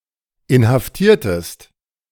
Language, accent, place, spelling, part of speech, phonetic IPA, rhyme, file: German, Germany, Berlin, inhaftiertest, verb, [ɪnhafˈtiːɐ̯təst], -iːɐ̯təst, De-inhaftiertest.ogg
- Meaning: inflection of inhaftieren: 1. second-person singular preterite 2. second-person singular subjunctive II